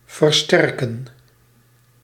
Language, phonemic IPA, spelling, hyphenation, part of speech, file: Dutch, /vərˈstɛr.kə(n)/, versterken, ver‧ster‧ken, verb, Nl-versterken.ogg
- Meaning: 1. to strengthen 2. to reinforce, to strengthen 3. to amplify